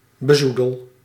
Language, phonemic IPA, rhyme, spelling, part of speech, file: Dutch, /bəˈzu.dəl/, -udəl, bezoedel, verb, Nl-bezoedel.ogg
- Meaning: inflection of bezoedelen: 1. first-person singular present indicative 2. second-person singular present indicative 3. imperative